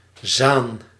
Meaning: a river in North Holland, Netherlands
- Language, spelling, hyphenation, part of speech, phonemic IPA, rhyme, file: Dutch, Zaan, Zaan, proper noun, /zaːn/, -aːn, Nl-Zaan.ogg